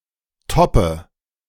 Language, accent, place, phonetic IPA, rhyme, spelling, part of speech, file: German, Germany, Berlin, [ˈtɔpə], -ɔpə, toppe, verb, De-toppe.ogg
- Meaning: inflection of toppen: 1. first-person singular present 2. first/third-person singular subjunctive I 3. singular imperative